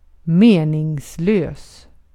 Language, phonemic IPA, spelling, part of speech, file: Swedish, /ˈmeː.nɪŋsˌløːs/, meningslös, adjective, Sv-meningslös.ogg
- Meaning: 1. meaningless 2. pointless